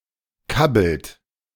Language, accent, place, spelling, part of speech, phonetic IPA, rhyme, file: German, Germany, Berlin, kabbelt, verb, [ˈkabl̩t], -abl̩t, De-kabbelt.ogg
- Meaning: inflection of kabbeln: 1. second-person plural present 2. third-person singular present 3. plural imperative